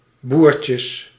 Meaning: plural of boertje
- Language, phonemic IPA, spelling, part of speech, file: Dutch, /ˈburcəs/, boertjes, noun, Nl-boertjes.ogg